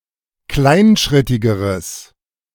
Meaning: strong/mixed nominative/accusative neuter singular comparative degree of kleinschrittig
- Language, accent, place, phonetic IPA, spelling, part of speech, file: German, Germany, Berlin, [ˈklaɪ̯nˌʃʁɪtɪɡəʁəs], kleinschrittigeres, adjective, De-kleinschrittigeres.ogg